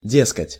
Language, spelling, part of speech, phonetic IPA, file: Russian, дескать, particle, [ˈdʲeskətʲ], Ru-дескать.ogg
- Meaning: 1. A particle introducing reported speech; (he/she) says, (they) say 2. A particle introducing the explanation of someone's thoughts, gestures, or behavior; meaning, like, as if saying